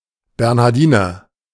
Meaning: 1. Bernardine (monk) (cf. en: Bernadine nun = de: Bernhardinerin, Bernhardinernonne, pl: bernardynka) 2. Saint Bernard (dog)
- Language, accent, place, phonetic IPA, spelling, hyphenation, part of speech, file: German, Germany, Berlin, [bɛʁnhaʁˈdiːnɐ], Bernhardiner, Bern‧har‧di‧ner, noun, De-Bernhardiner.ogg